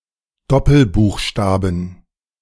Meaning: 1. genitive singular of Doppelbuchstabe 2. plural of Doppelbuchstabe
- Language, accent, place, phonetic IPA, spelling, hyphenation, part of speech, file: German, Germany, Berlin, [ˈdɔpl̩ˌbuːxˌʃtaːbn̩], Doppelbuchstaben, Dop‧pel‧buch‧sta‧ben, noun, De-Doppelbuchstaben.ogg